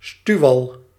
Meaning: a push moraine (mound formed by land ice pushing sediment into a pile)
- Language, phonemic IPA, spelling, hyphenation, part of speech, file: Dutch, /ˈstyu̯.ʋɑl/, stuwwal, stuw‧wal, noun, Nl-stuwwal.ogg